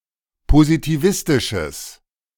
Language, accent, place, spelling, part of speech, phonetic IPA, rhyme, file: German, Germany, Berlin, positivistisches, adjective, [pozitiˈvɪstɪʃəs], -ɪstɪʃəs, De-positivistisches.ogg
- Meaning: strong/mixed nominative/accusative neuter singular of positivistisch